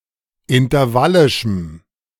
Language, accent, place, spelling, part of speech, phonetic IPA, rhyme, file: German, Germany, Berlin, intervallischem, adjective, [ɪntɐˈvalɪʃm̩], -alɪʃm̩, De-intervallischem.ogg
- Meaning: strong dative masculine/neuter singular of intervallisch